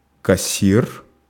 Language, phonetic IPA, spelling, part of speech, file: Russian, [kɐˈsʲ(ː)ir], кассир, noun, Ru-кассир.ogg
- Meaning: cashier, teller